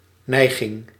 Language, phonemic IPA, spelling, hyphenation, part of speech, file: Dutch, /ˈnɛi̯.ɣɪŋ/, neiging, nei‧ging, noun, Nl-neiging.ogg
- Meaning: tendency, inclination